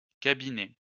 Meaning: plural of cabinet
- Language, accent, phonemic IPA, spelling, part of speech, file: French, France, /ka.bi.nɛ/, cabinets, noun, LL-Q150 (fra)-cabinets.wav